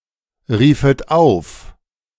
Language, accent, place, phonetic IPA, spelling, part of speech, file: German, Germany, Berlin, [ˌʁiːfət ˈaʊ̯f], riefet auf, verb, De-riefet auf.ogg
- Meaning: second-person plural subjunctive I of aufrufen